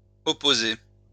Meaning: masculine plural of opposé
- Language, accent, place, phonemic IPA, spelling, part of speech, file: French, France, Lyon, /ɔ.po.ze/, opposés, verb, LL-Q150 (fra)-opposés.wav